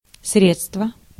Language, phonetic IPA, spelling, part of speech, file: Russian, [ˈsrʲet͡stvə], средство, noun, Ru-средство.ogg
- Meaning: 1. means, facility 2. tool, instrument, equipment 3. remedy, drug 4. assets; means; funding 5. product